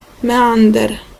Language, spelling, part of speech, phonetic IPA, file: Polish, meander, noun, [mɛˈãndɛr], Pl-meander.ogg